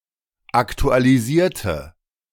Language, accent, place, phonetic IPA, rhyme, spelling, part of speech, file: German, Germany, Berlin, [ˌaktualiˈziːɐ̯tə], -iːɐ̯tə, aktualisierte, adjective / verb, De-aktualisierte.ogg
- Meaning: inflection of aktualisieren: 1. first/third-person singular preterite 2. first/third-person singular subjunctive II